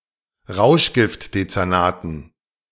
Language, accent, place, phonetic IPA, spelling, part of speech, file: German, Germany, Berlin, [ˈʁaʊ̯ʃɡɪftdet͡sɛʁˌnaːtn̩], Rauschgiftdezernaten, noun, De-Rauschgiftdezernaten.ogg
- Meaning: dative plural of Rauschgiftdezernat